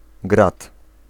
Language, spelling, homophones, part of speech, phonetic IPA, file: Polish, grad, grat, noun, [ɡrat], Pl-grad.ogg